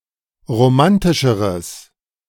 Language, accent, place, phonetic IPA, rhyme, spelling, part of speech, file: German, Germany, Berlin, [ʁoˈmantɪʃəʁəs], -antɪʃəʁəs, romantischeres, adjective, De-romantischeres.ogg
- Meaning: strong/mixed nominative/accusative neuter singular comparative degree of romantisch